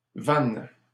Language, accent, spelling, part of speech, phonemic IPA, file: French, Canada, van, noun, /vɑ̃/, LL-Q150 (fra)-van.wav
- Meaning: 1. a winnowing basket 2. a horse trailer